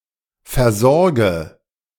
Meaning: inflection of versorgen: 1. first-person singular present 2. first/third-person singular subjunctive I 3. singular imperative
- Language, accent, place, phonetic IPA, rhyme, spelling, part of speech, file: German, Germany, Berlin, [fɛɐ̯ˈzɔʁɡə], -ɔʁɡə, versorge, verb, De-versorge.ogg